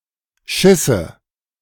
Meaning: first/third-person singular subjunctive II of scheißen
- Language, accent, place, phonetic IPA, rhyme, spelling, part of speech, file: German, Germany, Berlin, [ˈʃɪsə], -ɪsə, schisse, verb, De-schisse.ogg